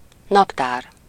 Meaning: calendar
- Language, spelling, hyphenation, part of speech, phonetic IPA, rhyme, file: Hungarian, naptár, nap‧tár, noun, [ˈnɒptaːr], -aːr, Hu-naptár.ogg